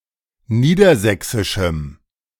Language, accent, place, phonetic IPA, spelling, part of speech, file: German, Germany, Berlin, [ˈniːdɐˌzɛksɪʃm̩], niedersächsischem, adjective, De-niedersächsischem.ogg
- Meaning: strong dative masculine/neuter singular of niedersächsisch